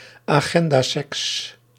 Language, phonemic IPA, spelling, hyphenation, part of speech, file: Dutch, /aːˈɣɛn.daːˌsɛks/, agendaseks, agen‧da‧seks, noun, Nl-agendaseks.ogg
- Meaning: a sexual encounter planned in advance to fit in a busy schedule